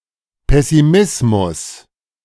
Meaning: pessimism
- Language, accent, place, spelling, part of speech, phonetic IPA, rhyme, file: German, Germany, Berlin, Pessimismus, noun, [pɛsiˈmɪsmʊs], -ɪsmʊs, De-Pessimismus.ogg